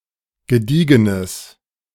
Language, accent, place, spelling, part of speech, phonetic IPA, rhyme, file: German, Germany, Berlin, gediegenes, adjective, [ɡəˈdiːɡənəs], -iːɡənəs, De-gediegenes.ogg
- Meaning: strong/mixed nominative/accusative neuter singular of gediegen